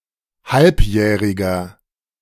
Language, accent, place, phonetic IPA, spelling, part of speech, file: German, Germany, Berlin, [ˈhalpˌjɛːʁɪɡɐ], halbjähriger, adjective, De-halbjähriger.ogg
- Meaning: inflection of halbjährig: 1. strong/mixed nominative masculine singular 2. strong genitive/dative feminine singular 3. strong genitive plural